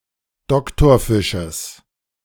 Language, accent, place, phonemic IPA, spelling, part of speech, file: German, Germany, Berlin, /ˈdɔktɔɐ̯fɪʃəs/, Doktorfisches, noun, De-Doktorfisches.ogg
- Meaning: genitive singular of Doktorfisch